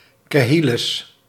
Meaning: plural of kille
- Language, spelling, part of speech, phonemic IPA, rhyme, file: Dutch, killes, noun, /ˈkɪ.ləs/, -ɪləs, Nl-killes.ogg